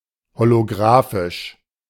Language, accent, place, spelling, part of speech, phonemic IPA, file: German, Germany, Berlin, holografisch, adjective, /holoˈɡʁaːfɪʃ/, De-holografisch.ogg
- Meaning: holographic